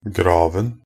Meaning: 1. definite masculine singular of grav 2. definite singular of grave
- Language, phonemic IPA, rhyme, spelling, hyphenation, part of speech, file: Norwegian Bokmål, /ˈɡrɑːʋn̩/, -ɑːʋn̩, graven, grav‧en, noun, Nb-graven.ogg